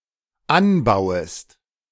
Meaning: second-person singular dependent subjunctive I of anbauen
- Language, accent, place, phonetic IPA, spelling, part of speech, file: German, Germany, Berlin, [ˈanˌbaʊ̯əst], anbauest, verb, De-anbauest.ogg